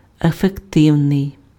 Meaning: 1. effective, efficacious 2. efficient
- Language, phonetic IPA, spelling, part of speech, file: Ukrainian, [efekˈtɪu̯nei̯], ефективний, adjective, Uk-ефективний.ogg